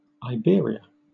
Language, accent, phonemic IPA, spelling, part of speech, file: English, Southern England, /aɪˈbɪə̯.ɹi.ə/, Iberia, proper noun, LL-Q1860 (eng)-Iberia.wav
- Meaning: 1. A peninsula and region of Europe south of the Pyrenees, consisting of Andorra, Spain, Portugal, and Gibraltar 2. A city and town in Missouri 3. A census-designated place in Ohio